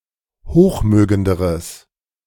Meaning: strong/mixed nominative/accusative neuter singular comparative degree of hochmögend
- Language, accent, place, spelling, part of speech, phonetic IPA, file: German, Germany, Berlin, hochmögenderes, adjective, [ˈhoːxˌmøːɡəndəʁəs], De-hochmögenderes.ogg